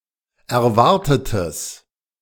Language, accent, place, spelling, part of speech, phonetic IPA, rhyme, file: German, Germany, Berlin, erwartetes, adjective, [ɛɐ̯ˈvaʁtətəs], -aʁtətəs, De-erwartetes.ogg
- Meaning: strong/mixed nominative/accusative neuter singular of erwartet